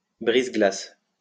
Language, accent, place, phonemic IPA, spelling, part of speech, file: French, France, Lyon, /bʁiz.ɡlas/, brise-glace, noun, LL-Q150 (fra)-brise-glace.wav
- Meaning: icebreaker (ship)